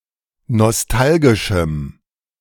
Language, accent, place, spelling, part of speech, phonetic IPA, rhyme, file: German, Germany, Berlin, nostalgischem, adjective, [nɔsˈtalɡɪʃm̩], -alɡɪʃm̩, De-nostalgischem.ogg
- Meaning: strong dative masculine/neuter singular of nostalgisch